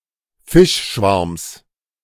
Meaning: genitive of Fischschwarm
- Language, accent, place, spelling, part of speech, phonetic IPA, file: German, Germany, Berlin, Fischschwarms, noun, [ˈfɪʃˌʃvaʁms], De-Fischschwarms.ogg